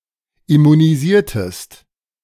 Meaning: inflection of immunisieren: 1. second-person singular preterite 2. second-person singular subjunctive II
- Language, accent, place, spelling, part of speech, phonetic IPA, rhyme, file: German, Germany, Berlin, immunisiertest, verb, [ɪmuniˈziːɐ̯təst], -iːɐ̯təst, De-immunisiertest.ogg